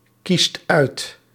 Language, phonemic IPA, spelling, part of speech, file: Dutch, /ˈkist ˈœyt/, kiest uit, verb, Nl-kiest uit.ogg
- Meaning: inflection of uitkiezen: 1. second/third-person singular present indicative 2. plural imperative